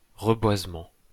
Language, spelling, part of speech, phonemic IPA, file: French, reboisement, noun, /ʁə.bwaz.mɑ̃/, LL-Q150 (fra)-reboisement.wav
- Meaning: reforestation